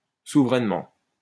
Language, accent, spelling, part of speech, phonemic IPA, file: French, France, souverainement, adverb, /su.vʁɛn.mɑ̃/, LL-Q150 (fra)-souverainement.wav
- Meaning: 1. thoroughly, royally, totally, intensely, utterly (extremely) 2. sovereignly